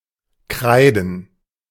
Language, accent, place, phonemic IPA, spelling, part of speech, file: German, Germany, Berlin, /ˈkʁaɪ̯dn̩/, kreiden, verb / adjective, De-kreiden.ogg
- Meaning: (verb) 1. to write with chalk 2. to draw with chalk 3. to chalk (the cue); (adjective) chalk